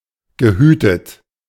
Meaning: past participle of hüten
- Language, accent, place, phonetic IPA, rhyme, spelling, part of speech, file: German, Germany, Berlin, [ɡəˈhyːtət], -yːtət, gehütet, verb, De-gehütet.ogg